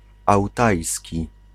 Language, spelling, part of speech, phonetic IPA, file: Polish, ałtajski, adjective / noun, [awˈtajsʲci], Pl-ałtajski.ogg